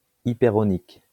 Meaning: hyperonic
- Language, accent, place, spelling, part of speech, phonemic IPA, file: French, France, Lyon, hypéronique, adjective, /i.pe.ʁɔ.nik/, LL-Q150 (fra)-hypéronique.wav